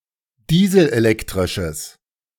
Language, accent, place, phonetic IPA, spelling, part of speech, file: German, Germany, Berlin, [ˈdiːzl̩ʔeˌlɛktʁɪʃəs], dieselelektrisches, adjective, De-dieselelektrisches.ogg
- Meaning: strong/mixed nominative/accusative neuter singular of dieselelektrisch